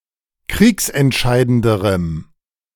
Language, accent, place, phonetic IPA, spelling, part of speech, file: German, Germany, Berlin, [ˈkʁiːksɛntˌʃaɪ̯dəndəʁəm], kriegsentscheidenderem, adjective, De-kriegsentscheidenderem.ogg
- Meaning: strong dative masculine/neuter singular comparative degree of kriegsentscheidend